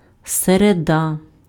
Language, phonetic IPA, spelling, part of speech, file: Ukrainian, [sereˈda], середа, noun, Uk-середа.ogg
- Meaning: Wednesday